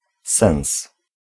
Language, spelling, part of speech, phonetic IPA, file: Polish, sens, noun, [sɛ̃w̃s], Pl-sens.ogg